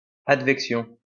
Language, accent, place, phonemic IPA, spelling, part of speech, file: French, France, Lyon, /ad.vɛk.sjɔ̃/, advection, noun, LL-Q150 (fra)-advection.wav
- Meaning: advection (the horizontal movement of a body of atmosphere (or other fluid) along with a concurrent transport of its temperature, humidity etc)